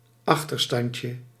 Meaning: diminutive of achterstand
- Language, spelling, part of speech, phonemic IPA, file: Dutch, achterstandje, noun, /ˈɑxtərstɑncə/, Nl-achterstandje.ogg